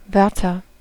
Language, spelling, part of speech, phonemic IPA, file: German, Wörter, noun, /ˈvœʁtɐ/, De-Wörter.ogg
- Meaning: 1. nominative plural of Wort 2. genitive plural of Wort 3. accusative plural of Wort